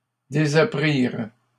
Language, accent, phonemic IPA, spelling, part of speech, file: French, Canada, /de.za.pʁiʁ/, désapprirent, verb, LL-Q150 (fra)-désapprirent.wav
- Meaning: third-person plural past historic of désapprendre